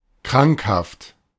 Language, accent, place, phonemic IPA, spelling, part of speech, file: German, Germany, Berlin, /ˈkʁaŋkhaft/, krankhaft, adjective, De-krankhaft.ogg
- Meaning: pathological (pertaining to pathology)